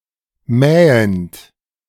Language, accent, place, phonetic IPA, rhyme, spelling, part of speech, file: German, Germany, Berlin, [ˈmɛːənt], -ɛːənt, mähend, verb, De-mähend.ogg
- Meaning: present participle of mähen